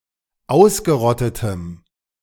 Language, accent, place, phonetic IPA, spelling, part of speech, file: German, Germany, Berlin, [ˈaʊ̯sɡəˌʁɔtətəm], ausgerottetem, adjective, De-ausgerottetem.ogg
- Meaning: strong dative masculine/neuter singular of ausgerottet